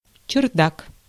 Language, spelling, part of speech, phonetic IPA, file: Russian, чердак, noun, [t͡ɕɪrˈdak], Ru-чердак.ogg
- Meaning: attic, garret, loft (an attic or similar space)